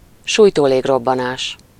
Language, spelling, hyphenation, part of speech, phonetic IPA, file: Hungarian, sújtólégrobbanás, súj‧tó‧lég‧rob‧ba‧nás, noun, [ˈʃuːjtoːleːɡrobːɒnaːʃ], Hu-sújtólégrobbanás.ogg
- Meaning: firedamp explosion